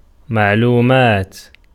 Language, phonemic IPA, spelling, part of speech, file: Arabic, /maʕ.luː.maːt/, معلومات, noun, Ar-معلومات.ogg
- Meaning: 1. plural of مَعْلُومَة (maʕlūma, “item of information, datum”) 2. information, data, facts, details 3. known things, knowledge, sciences, dates, statements 4. information